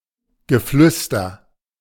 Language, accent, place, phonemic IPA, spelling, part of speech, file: German, Germany, Berlin, /ɡəˈflʏstɐ/, Geflüster, noun, De-Geflüster.ogg
- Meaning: murmur, whispering